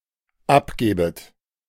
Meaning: second-person plural dependent subjunctive I of abgeben
- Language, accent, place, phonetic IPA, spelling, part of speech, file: German, Germany, Berlin, [ˈapˌɡeːbət], abgebet, verb, De-abgebet.ogg